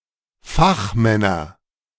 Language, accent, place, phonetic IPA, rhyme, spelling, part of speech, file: German, Germany, Berlin, [ˈfaxˌmɛnɐ], -axmɛnɐ, Fachmänner, noun, De-Fachmänner.ogg
- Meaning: nominative/accusative/genitive plural of Fachmann